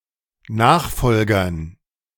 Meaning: dative plural of Nachfolger
- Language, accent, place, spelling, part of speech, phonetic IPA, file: German, Germany, Berlin, Nachfolgern, noun, [ˈnaːxˌfɔlɡɐn], De-Nachfolgern.ogg